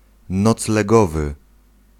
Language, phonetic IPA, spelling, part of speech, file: Polish, [ˌnɔt͡slɛˈɡɔvɨ], noclegowy, adjective, Pl-noclegowy.ogg